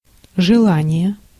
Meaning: 1. wish, desire 2. wanting, volition, tending
- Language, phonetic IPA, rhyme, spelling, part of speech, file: Russian, [ʐɨˈɫanʲɪje], -anʲɪje, желание, noun, Ru-желание.ogg